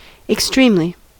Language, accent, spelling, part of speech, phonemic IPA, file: English, US, extremely, adverb, /ɪksˈtɹimli/, En-us-extremely.ogg
- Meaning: To an extreme degree